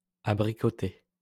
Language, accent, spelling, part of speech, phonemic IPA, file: French, France, abricoté, verb / noun / adjective, /a.bʁi.kɔ.te/, LL-Q150 (fra)-abricoté.wav
- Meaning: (verb) past participle of abricoter; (noun) sugared apricot; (adjective) 1. apricot 2. including apricots as an ingredient